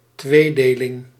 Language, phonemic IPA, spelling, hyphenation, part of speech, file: Dutch, /ˈtʋeːˌdeː.lɪŋ/, tweedeling, twee‧de‧ling, noun, Nl-tweedeling.ogg
- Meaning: bifurcation, a split or act of splitting into two, dichotomy